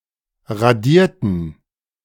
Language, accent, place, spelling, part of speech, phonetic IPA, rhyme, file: German, Germany, Berlin, radierten, adjective / verb, [ʁaˈdiːɐ̯tn̩], -iːɐ̯tn̩, De-radierten.ogg
- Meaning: inflection of radieren: 1. first/third-person plural preterite 2. first/third-person plural subjunctive II